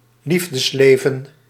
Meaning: 1. love life; one's romantic activity and sex life 2. the non-romantic and non-sexual love in one's life
- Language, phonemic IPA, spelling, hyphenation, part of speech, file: Dutch, /ˈlif.dəsˌleː.və(n)/, liefdesleven, lief‧des‧le‧ven, noun, Nl-liefdesleven.ogg